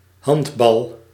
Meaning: 1. handball (European handball) 2. a handball used in European handball
- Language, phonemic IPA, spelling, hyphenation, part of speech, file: Dutch, /ˈɦɑnt.bɑl/, handbal, hand‧bal, noun, Nl-handbal.ogg